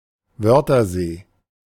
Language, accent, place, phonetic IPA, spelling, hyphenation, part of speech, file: German, Germany, Berlin, [ˈvœʁtɐˌzeː], Wörthersee, Wör‧ther‧see, proper noun, De-Wörthersee.ogg
- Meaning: Wörthersee, Lake Wörth, an alpine lake in the southern Austrian province of Carinthia